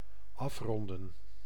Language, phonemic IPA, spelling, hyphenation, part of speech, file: Dutch, /ˈɑf.rɔn.də(n)/, afronden, af‧ron‧den, verb, Nl-afronden.ogg
- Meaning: 1. to round up 2. to round off, wrap up 3. to finish